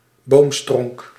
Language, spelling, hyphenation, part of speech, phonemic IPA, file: Dutch, boomstronk, boom‧stronk, noun, /ˈboːm.strɔŋk/, Nl-boomstronk.ogg
- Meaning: synonym of stronk (“tree stump”)